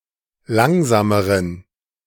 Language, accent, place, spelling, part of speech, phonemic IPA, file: German, Germany, Berlin, langsameren, adjective, /ˈlaŋzaːməʁən/, De-langsameren.ogg
- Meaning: inflection of langsam: 1. strong genitive masculine/neuter singular comparative degree 2. weak/mixed genitive/dative all-gender singular comparative degree